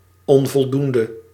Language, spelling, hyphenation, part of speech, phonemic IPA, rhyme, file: Dutch, onvoldoende, on‧vol‧doen‧de, adjective / noun, /ˌɔn.vɔlˈdun.də/, -undə, Nl-onvoldoende.ogg
- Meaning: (adjective) 1. insufficient, not enough 2. failing (of marks, grading); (noun) failing grade; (adjective) inflection of onvoldoend: masculine/feminine singular attributive